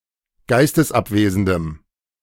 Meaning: strong dative masculine/neuter singular of geistesabwesend
- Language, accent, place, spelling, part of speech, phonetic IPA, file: German, Germany, Berlin, geistesabwesendem, adjective, [ˈɡaɪ̯stəsˌʔapveːzn̩dəm], De-geistesabwesendem.ogg